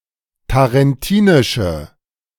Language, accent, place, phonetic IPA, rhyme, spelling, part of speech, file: German, Germany, Berlin, [taʁɛnˈtiːnɪʃə], -iːnɪʃə, tarentinische, adjective, De-tarentinische.ogg
- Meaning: inflection of tarentinisch: 1. strong/mixed nominative/accusative feminine singular 2. strong nominative/accusative plural 3. weak nominative all-gender singular